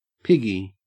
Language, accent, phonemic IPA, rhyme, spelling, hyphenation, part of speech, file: English, Australia, /ˈpɪɡi/, -ɪɡi, piggy, pig‧gy, noun / adjective, En-au-piggy.ogg
- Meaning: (noun) 1. A pig (the animal) 2. A guinea pig 3. A toe 4. A pig (greedy person) 5. A member of the police 6. Paypig; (adjective) Resembling a pig.: 1. Greedy 2. Slovenly, dirty